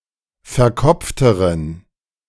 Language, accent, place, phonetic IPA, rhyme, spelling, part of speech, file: German, Germany, Berlin, [fɛɐ̯ˈkɔp͡ftəʁən], -ɔp͡ftəʁən, verkopfteren, adjective, De-verkopfteren.ogg
- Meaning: inflection of verkopft: 1. strong genitive masculine/neuter singular comparative degree 2. weak/mixed genitive/dative all-gender singular comparative degree